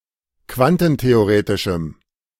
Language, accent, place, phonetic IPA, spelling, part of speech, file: German, Germany, Berlin, [ˈkvantn̩teoˌʁeːtɪʃm̩], quantentheoretischem, adjective, De-quantentheoretischem.ogg
- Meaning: strong dative masculine/neuter singular of quantentheoretisch